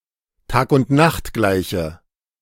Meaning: alternative spelling of Tagundnachtgleiche
- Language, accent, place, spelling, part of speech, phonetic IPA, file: German, Germany, Berlin, Tag-und-Nacht-Gleiche, noun, [ˌtaːkʊntˈnaxtˌɡlaɪ̯çə], De-Tag-und-Nacht-Gleiche.ogg